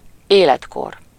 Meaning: age (the measure of how old someone is)
- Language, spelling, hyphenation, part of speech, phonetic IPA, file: Hungarian, életkor, élet‧kor, noun, [ˈeːlɛtkor], Hu-életkor.ogg